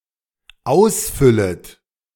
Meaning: second-person plural dependent subjunctive I of ausfüllen
- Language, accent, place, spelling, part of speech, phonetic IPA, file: German, Germany, Berlin, ausfüllet, verb, [ˈaʊ̯sˌfʏlət], De-ausfüllet.ogg